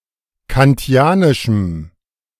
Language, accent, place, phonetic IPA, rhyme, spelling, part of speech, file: German, Germany, Berlin, [kanˈti̯aːnɪʃm̩], -aːnɪʃm̩, kantianischem, adjective, De-kantianischem.ogg
- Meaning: strong dative masculine/neuter singular of kantianisch